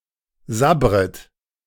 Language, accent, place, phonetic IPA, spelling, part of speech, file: German, Germany, Berlin, [ˈzabʁət], sabbret, verb, De-sabbret.ogg
- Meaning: second-person plural subjunctive I of sabbern